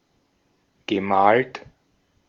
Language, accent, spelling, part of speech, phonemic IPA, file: German, Austria, gemalt, verb, /ɡəˈmaːlt/, De-at-gemalt.ogg
- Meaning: past participle of malen